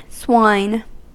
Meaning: 1. A pig, an animal of family Suidae, especially in agricultural contexts 2. Pig, pork, the meat of pigs
- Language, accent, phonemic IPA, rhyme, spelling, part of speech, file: English, US, /swaɪn/, -aɪn, swine, noun, En-us-swine.ogg